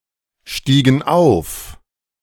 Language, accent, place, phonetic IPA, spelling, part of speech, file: German, Germany, Berlin, [ˌʃtiːɡn̩ ˈaʊ̯f], stiegen auf, verb, De-stiegen auf.ogg
- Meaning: inflection of aufsteigen: 1. first/third-person plural preterite 2. first/third-person plural subjunctive II